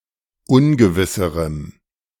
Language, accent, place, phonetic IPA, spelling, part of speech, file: German, Germany, Berlin, [ˈʊnɡəvɪsəʁəm], ungewisserem, adjective, De-ungewisserem.ogg
- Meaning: strong dative masculine/neuter singular comparative degree of ungewiss